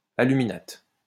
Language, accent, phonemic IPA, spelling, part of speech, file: French, France, /a.ly.mi.nat/, aluminate, noun, LL-Q150 (fra)-aluminate.wav
- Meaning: aluminate